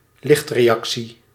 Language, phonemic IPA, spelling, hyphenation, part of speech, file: Dutch, /ˈlɪxtreːˌɑksi/, lichtreactie, licht‧re‧ac‧tie, noun, Nl-lichtreactie.ogg
- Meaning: light reaction, a part of the process of photosynthesis